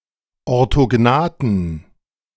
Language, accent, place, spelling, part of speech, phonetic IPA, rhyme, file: German, Germany, Berlin, orthognathen, adjective, [ɔʁtoˈɡnaːtn̩], -aːtn̩, De-orthognathen.ogg
- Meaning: inflection of orthognath: 1. strong genitive masculine/neuter singular 2. weak/mixed genitive/dative all-gender singular 3. strong/weak/mixed accusative masculine singular 4. strong dative plural